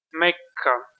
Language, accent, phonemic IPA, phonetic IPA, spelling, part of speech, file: Armenian, Eastern Armenian, /ˈmekʰkʰɑ/, [mékʰːɑ], Մեքքա, proper noun, Hy-EA-Մեքքա.ogg
- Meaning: Mecca